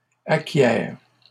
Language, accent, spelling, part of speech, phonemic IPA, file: French, Canada, acquière, verb, /a.kjɛʁ/, LL-Q150 (fra)-acquière.wav
- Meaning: first/third-person singular present subjunctive of acquérir